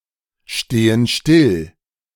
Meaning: inflection of stillstehen: 1. first/third-person plural present 2. first/third-person plural subjunctive I
- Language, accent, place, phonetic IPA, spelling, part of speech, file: German, Germany, Berlin, [ˌʃteːən ˈʃtɪl], stehen still, verb, De-stehen still.ogg